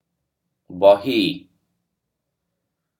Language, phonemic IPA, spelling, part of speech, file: Odia, /bɔhi/, ବହି, noun, Or-ବହି.oga
- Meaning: book